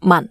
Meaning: 1. Jyutping transcription of 岷 2. Jyutping transcription of 文 3. Jyutping transcription of 民 4. Jyutping transcription of 氓 5. Jyutping transcription of 汶 6. Jyutping transcription of 玟
- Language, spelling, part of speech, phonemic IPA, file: Cantonese, man4, romanization, /mɐn˩/, Yue-man4.ogg